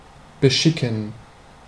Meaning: 1. to send, to commit 2. to procure, to supply, to load, to furnish, to ready
- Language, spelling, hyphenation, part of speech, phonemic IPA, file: German, beschicken, be‧schi‧cken, verb, /bəˈʃɪkn̩/, De-beschicken.ogg